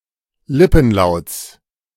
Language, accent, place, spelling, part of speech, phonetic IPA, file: German, Germany, Berlin, Lippenlauts, noun, [ˈlɪpn̩ˌlaʊ̯t͡s], De-Lippenlauts.ogg
- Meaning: genitive singular of Lippenlaut